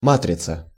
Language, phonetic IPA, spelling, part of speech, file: Russian, [ˈmatrʲɪt͡sə], матрица, noun, Ru-матрица.ogg
- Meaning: matrix